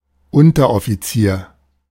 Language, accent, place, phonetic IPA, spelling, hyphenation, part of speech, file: German, Germany, Berlin, [ˈʊntɐʔɔfiˌt͡siːɐ̯], Unteroffizier, Un‧ter‧of‧fi‧zier, noun, De-Unteroffizier.ogg
- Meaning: 1. non-commissioned officer, NCO 2. a specific, namely the lowest, NCO rank